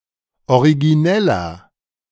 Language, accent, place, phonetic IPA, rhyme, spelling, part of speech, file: German, Germany, Berlin, [oʁiɡiˈnɛlɐ], -ɛlɐ, origineller, adjective, De-origineller.ogg
- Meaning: 1. comparative degree of originell 2. inflection of originell: strong/mixed nominative masculine singular 3. inflection of originell: strong genitive/dative feminine singular